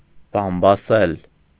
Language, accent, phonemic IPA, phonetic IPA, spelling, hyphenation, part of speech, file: Armenian, Eastern Armenian, /bɑmbɑˈsel/, [bɑmbɑsél], բամբասել, բամ‧բա‧սել, verb, Hy-բամբասել.ogg
- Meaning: 1. to gossip 2. to detract, to slander, to speak ill of, to calumniate